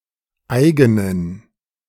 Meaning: inflection of eigen: 1. strong genitive masculine/neuter singular 2. weak/mixed genitive/dative all-gender singular 3. strong/weak/mixed accusative masculine singular 4. strong dative plural
- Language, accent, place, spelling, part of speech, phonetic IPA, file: German, Germany, Berlin, eigenen, adjective, [ˈʔaɪɡn̩ən], De-eigenen.ogg